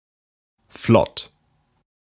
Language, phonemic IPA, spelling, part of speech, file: German, /flɔt/, flott, adjective, De-flott.ogg
- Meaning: 1. afloat, able to navigate 2. quick, swift 3. lively, zippy 4. fashionable